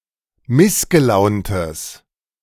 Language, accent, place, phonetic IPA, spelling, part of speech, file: German, Germany, Berlin, [ˈmɪsɡəˌlaʊ̯ntəs], missgelauntes, adjective, De-missgelauntes.ogg
- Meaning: strong/mixed nominative/accusative neuter singular of missgelaunt